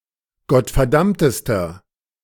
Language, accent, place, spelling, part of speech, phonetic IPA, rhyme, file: German, Germany, Berlin, gottverdammtester, adjective, [ɡɔtfɛɐ̯ˈdamtəstɐ], -amtəstɐ, De-gottverdammtester.ogg
- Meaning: inflection of gottverdammt: 1. strong/mixed nominative masculine singular superlative degree 2. strong genitive/dative feminine singular superlative degree 3. strong genitive plural superlative degree